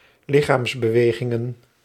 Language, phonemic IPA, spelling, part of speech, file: Dutch, /ˈlɪxamsbəˌweɣɪŋə(n)/, lichaamsbewegingen, noun, Nl-lichaamsbewegingen.ogg
- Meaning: plural of lichaamsbeweging